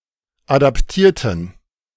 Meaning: inflection of adaptieren: 1. first/third-person plural preterite 2. first/third-person plural subjunctive II
- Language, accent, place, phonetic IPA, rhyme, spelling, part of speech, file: German, Germany, Berlin, [ˌadapˈtiːɐ̯tn̩], -iːɐ̯tn̩, adaptierten, adjective / verb, De-adaptierten.ogg